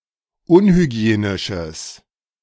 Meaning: strong/mixed nominative/accusative neuter singular of unhygienisch
- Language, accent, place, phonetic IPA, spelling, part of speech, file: German, Germany, Berlin, [ˈʊnhyˌɡi̯eːnɪʃəs], unhygienisches, adjective, De-unhygienisches.ogg